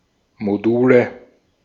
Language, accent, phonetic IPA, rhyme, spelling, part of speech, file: German, Austria, [moˈduːlə], -uːlə, Module, noun, De-at-Module.ogg
- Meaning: nominative genitive accusative plural of Modul